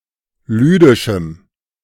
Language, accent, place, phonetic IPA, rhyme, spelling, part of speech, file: German, Germany, Berlin, [ˈlyːdɪʃm̩], -yːdɪʃm̩, lüdischem, adjective, De-lüdischem.ogg
- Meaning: strong dative masculine/neuter singular of lüdisch